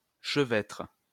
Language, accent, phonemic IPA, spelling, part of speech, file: French, France, /ʃə.vɛtʁ/, chevêtre, noun, LL-Q150 (fra)-chevêtre.wav
- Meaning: halter